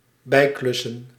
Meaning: to moonlight (to work on the side)
- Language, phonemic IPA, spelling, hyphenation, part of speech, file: Dutch, /ˈbɛi̯ˌklʏ.sə(n)/, bijklussen, bij‧klus‧sen, verb, Nl-bijklussen.ogg